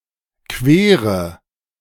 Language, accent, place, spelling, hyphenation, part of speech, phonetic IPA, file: German, Germany, Berlin, Quere, Que‧re, noun, [ˈkveːʁə], De-Quere.ogg
- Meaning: being in something's way